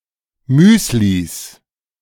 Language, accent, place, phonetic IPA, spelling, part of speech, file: German, Germany, Berlin, [ˈmyːslis], Müslis, noun, De-Müslis.ogg
- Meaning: 1. genitive singular of Müsli 2. plural of Müsli